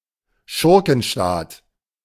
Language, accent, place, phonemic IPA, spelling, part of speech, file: German, Germany, Berlin, /ˈʃʊʁkn̩ˌʃtaːt/, Schurkenstaat, noun, De-Schurkenstaat.ogg
- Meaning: rogue state